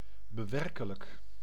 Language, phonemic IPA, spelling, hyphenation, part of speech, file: Dutch, /bəˈʋɛr.kə.lək/, bewerkelijk, be‧wer‧ke‧lijk, adjective, Nl-bewerkelijk.ogg
- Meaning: laborious